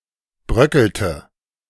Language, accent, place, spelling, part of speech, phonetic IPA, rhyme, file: German, Germany, Berlin, bröckelte, verb, [ˈbʁœkl̩tə], -œkl̩tə, De-bröckelte.ogg
- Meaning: inflection of bröckeln: 1. first/third-person singular preterite 2. first/third-person singular subjunctive II